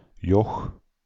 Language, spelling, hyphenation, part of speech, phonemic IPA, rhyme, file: Dutch, joch, joch, noun, /jɔx/, -ɔx, Nl-joch.ogg
- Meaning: a young boy